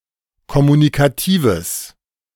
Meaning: strong/mixed nominative/accusative neuter singular of kommunikativ
- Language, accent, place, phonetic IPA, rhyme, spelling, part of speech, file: German, Germany, Berlin, [kɔmunikaˈtiːvəs], -iːvəs, kommunikatives, adjective, De-kommunikatives.ogg